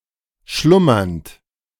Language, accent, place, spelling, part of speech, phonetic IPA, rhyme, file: German, Germany, Berlin, schlummernd, verb, [ˈʃlʊmɐnt], -ʊmɐnt, De-schlummernd.ogg
- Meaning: present participle of schlummern